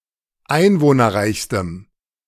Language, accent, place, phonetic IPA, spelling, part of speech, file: German, Germany, Berlin, [ˈaɪ̯nvoːnɐˌʁaɪ̯çstəm], einwohnerreichstem, adjective, De-einwohnerreichstem.ogg
- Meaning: strong dative masculine/neuter singular superlative degree of einwohnerreich